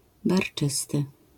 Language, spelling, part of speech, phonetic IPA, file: Polish, barczysty, adjective, [barˈt͡ʃɨstɨ], LL-Q809 (pol)-barczysty.wav